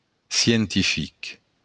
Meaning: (adjective) scientific, scientifical; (noun) scientist
- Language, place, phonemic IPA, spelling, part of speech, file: Occitan, Béarn, /sjentiˈfik/, scientific, adjective / noun, LL-Q14185 (oci)-scientific.wav